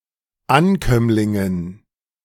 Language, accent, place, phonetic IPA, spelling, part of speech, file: German, Germany, Berlin, [ˈanˌkœmlɪŋən], Ankömmlingen, noun, De-Ankömmlingen.ogg
- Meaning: dative plural of Ankömmling